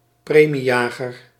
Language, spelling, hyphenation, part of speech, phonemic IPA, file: Dutch, premiejager, pre‧mie‧ja‧ger, noun, /ˈpreː.miˌjaː.ɣər/, Nl-premiejager.ogg
- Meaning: 1. bounty hunter 2. some kind of stock market speculator who sells early;